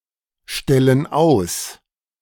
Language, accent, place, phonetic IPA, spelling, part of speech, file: German, Germany, Berlin, [ˌʃtɛlən ˈaʊ̯s], stellen aus, verb, De-stellen aus.ogg
- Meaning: inflection of ausstellen: 1. first/third-person plural present 2. first/third-person plural subjunctive I